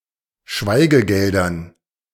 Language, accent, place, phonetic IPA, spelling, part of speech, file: German, Germany, Berlin, [ˈʃvaɪ̯ɡəˌɡɛldɐn], Schweigegeldern, noun, De-Schweigegeldern.ogg
- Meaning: dative plural of Schweigegeld